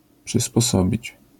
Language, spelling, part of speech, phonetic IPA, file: Polish, przysposobić, verb, [ˌpʃɨspɔˈsɔbʲit͡ɕ], LL-Q809 (pol)-przysposobić.wav